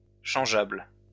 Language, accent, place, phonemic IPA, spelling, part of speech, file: French, France, Lyon, /ʃɑ̃.ʒabl/, changeable, adjective, LL-Q150 (fra)-changeable.wav
- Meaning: changeable (capable of being changed)